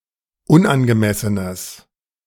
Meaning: strong/mixed nominative/accusative neuter singular of unangemessen
- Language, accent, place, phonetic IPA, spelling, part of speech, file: German, Germany, Berlin, [ˈʊnʔanɡəˌmɛsənəs], unangemessenes, adjective, De-unangemessenes.ogg